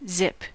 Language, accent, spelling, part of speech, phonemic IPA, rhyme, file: English, US, zip, noun / interjection / verb, /zɪp/, -ɪp, En-us-zip.ogg
- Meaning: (noun) 1. The high-pitched sound of a small object moving rapidly through air 2. Energy; vigor; vim 3. A zip fastener 4. Zero; nothing 5. A trip on a zipline 6. A zip file